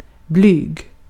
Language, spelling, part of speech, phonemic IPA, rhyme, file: Swedish, blyg, adjective, /ˈblyːɡ/, -yːɡ, Sv-blyg.ogg
- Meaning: shy, timid